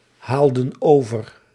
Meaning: inflection of overhalen: 1. plural past indicative 2. plural past subjunctive
- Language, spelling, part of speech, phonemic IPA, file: Dutch, haalden over, verb, /ˈhaldə(n) ˈovər/, Nl-haalden over.ogg